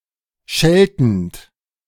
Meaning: present participle of schelten
- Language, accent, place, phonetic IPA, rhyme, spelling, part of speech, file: German, Germany, Berlin, [ˈʃɛltn̩t], -ɛltn̩t, scheltend, verb, De-scheltend.ogg